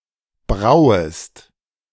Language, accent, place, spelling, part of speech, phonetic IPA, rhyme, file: German, Germany, Berlin, brauest, verb, [ˈbʁaʊ̯əst], -aʊ̯əst, De-brauest.ogg
- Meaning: second-person singular subjunctive I of brauen